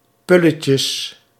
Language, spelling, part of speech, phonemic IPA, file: Dutch, pulletjes, noun, /ˈpuləcəs/, Nl-pulletjes.ogg
- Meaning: plural of pulletje